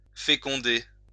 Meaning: 1. to fecundate 2. to fertilize 3. to impregnate
- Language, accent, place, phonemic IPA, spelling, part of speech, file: French, France, Lyon, /fe.kɔ̃.de/, féconder, verb, LL-Q150 (fra)-féconder.wav